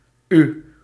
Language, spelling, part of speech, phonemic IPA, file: Dutch, U, pronoun / character, /y/, Nl-U.ogg
- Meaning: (pronoun) alternative letter-case form of u; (character) the twenty-first letter of the Dutch alphabet